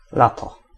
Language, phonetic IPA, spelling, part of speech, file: Polish, [ˈlatɔ], lato, noun, Pl-lato.ogg